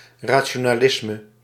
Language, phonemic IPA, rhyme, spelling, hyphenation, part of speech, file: Dutch, /ˌraː.(t)ʃoː.naːˈlɪs.mə/, -ɪsmə, rationalisme, ra‧ti‧o‧na‧lis‧me, noun, Nl-rationalisme.ogg
- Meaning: rationalism (philosophical view that primarily relies on reason for justification)